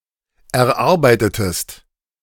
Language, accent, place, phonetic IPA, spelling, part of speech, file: German, Germany, Berlin, [ɛɐ̯ˈʔaʁbaɪ̯tətəst], erarbeitetest, verb, De-erarbeitetest.ogg
- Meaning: inflection of erarbeiten: 1. second-person singular preterite 2. second-person singular subjunctive II